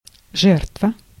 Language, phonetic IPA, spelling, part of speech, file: Russian, [ˈʐɛrtvə], жертва, noun, Ru-жертва.ogg
- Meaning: 1. sacrifice 2. victim 3. casualty